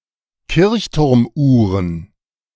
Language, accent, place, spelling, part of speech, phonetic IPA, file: German, Germany, Berlin, Kirchturmuhren, noun, [ˈkɪʁçtʊʁmˌʔuːʁən], De-Kirchturmuhren.ogg
- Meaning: plural of Kirchturmuhr